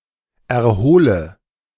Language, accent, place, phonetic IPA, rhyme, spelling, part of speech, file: German, Germany, Berlin, [ɛɐ̯ˈhoːlə], -oːlə, erhole, verb, De-erhole.ogg
- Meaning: inflection of erholen: 1. first-person singular present 2. first/third-person singular subjunctive I 3. singular imperative